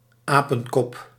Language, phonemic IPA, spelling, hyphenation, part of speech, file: Dutch, /ˈaː.pə(n)ˌkɔp/, apenkop, apen‧kop, noun, Nl-apenkop.ogg
- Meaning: 1. mischievous child, brat 2. head of a monkey